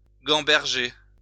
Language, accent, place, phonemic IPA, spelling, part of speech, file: French, France, Lyon, /ɡɑ̃.bɛʁ.ʒe/, gamberger, verb, LL-Q150 (fra)-gamberger.wav
- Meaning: to think hard